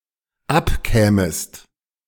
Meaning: second-person singular dependent subjunctive II of abkommen
- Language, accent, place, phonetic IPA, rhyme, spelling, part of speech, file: German, Germany, Berlin, [ˈapˌkɛːməst], -apkɛːməst, abkämest, verb, De-abkämest.ogg